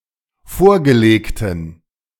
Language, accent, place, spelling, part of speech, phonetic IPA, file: German, Germany, Berlin, vorgelegten, adjective, [ˈfoːɐ̯ɡəˌleːktn̩], De-vorgelegten.ogg
- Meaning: inflection of vorgelegt: 1. strong genitive masculine/neuter singular 2. weak/mixed genitive/dative all-gender singular 3. strong/weak/mixed accusative masculine singular 4. strong dative plural